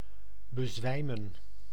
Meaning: 1. to faint, to lose consciousness 2. to swoon
- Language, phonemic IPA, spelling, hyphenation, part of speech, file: Dutch, /bəˈzʋɛi̯mə(n)/, bezwijmen, be‧zwij‧men, verb, Nl-bezwijmen.ogg